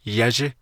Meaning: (adjective) 1. little, small 2. young, younger; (noun) 1. little one, child 2. offspring, young
- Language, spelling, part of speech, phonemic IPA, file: Navajo, yázhí, adjective / noun, /jɑ́ʒɪ́/, Nv-yázhí.ogg